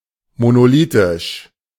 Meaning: monolithic
- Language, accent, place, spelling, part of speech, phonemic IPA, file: German, Germany, Berlin, monolithisch, adjective, /monoˈliːtɪʃ/, De-monolithisch.ogg